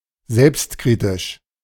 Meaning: self-critical
- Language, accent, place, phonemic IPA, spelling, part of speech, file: German, Germany, Berlin, /ˈzɛlpstˌkʁiːtɪʃ/, selbstkritisch, adjective, De-selbstkritisch.ogg